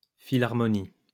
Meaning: philharmonic orchestra or society
- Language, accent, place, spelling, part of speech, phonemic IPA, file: French, France, Lyon, philharmonie, noun, /fi.laʁ.mɔ.ni/, LL-Q150 (fra)-philharmonie.wav